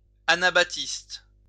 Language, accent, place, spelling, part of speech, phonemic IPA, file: French, France, Lyon, anabaptiste, adjective, /a.na.bap.tist/, LL-Q150 (fra)-anabaptiste.wav
- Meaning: Anabaptist